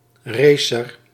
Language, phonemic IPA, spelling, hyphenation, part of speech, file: Dutch, /ˈreː.sər/, racer, ra‧cer, noun, Nl-racer.ogg
- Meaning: a racer, one who races